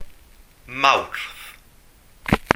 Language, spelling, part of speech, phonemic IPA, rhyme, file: Welsh, Mawrth, proper noun, /mau̯rθ/, -au̯rθ, Cy-Mawrth.ogg
- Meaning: 1. March 2. Mars